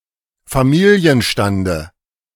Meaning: dative of Familienstand
- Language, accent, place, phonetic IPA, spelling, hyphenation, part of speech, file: German, Germany, Berlin, [faˈmiːliənʃtandə], Familienstande, Fa‧mi‧li‧en‧stan‧de, noun, De-Familienstande.ogg